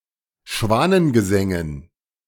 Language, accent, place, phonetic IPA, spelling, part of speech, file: German, Germany, Berlin, [ˈʃvaːnənɡəˌzɛŋən], Schwanengesängen, noun, De-Schwanengesängen.ogg
- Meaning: dative plural of Schwanengesang